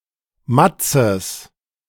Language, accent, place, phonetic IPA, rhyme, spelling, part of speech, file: German, Germany, Berlin, [ˈmat͡səs], -at͡səs, Matzes, noun, De-Matzes.ogg
- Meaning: genitive singular of Matz